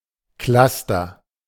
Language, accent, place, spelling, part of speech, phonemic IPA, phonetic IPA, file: German, Germany, Berlin, Cluster, noun, /ˈklastər/, [ˈklas.tɐ], De-Cluster.ogg
- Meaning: cluster: 1. group of galaxies or stars 2. group of computers working together 3. sequence of consonants 4. secundal chord of three or more notes 5. group of body language signals that occur together